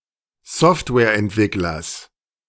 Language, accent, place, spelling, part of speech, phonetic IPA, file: German, Germany, Berlin, Softwareentwicklers, noun, [ˈsɔftvɛːɐ̯ʔɛntˌvɪklɐs], De-Softwareentwicklers.ogg
- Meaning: genitive singular of Softwareentwickler